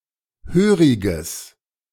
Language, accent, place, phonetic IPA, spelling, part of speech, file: German, Germany, Berlin, [ˈhøːʁɪɡəs], höriges, adjective, De-höriges.ogg
- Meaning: strong/mixed nominative/accusative neuter singular of hörig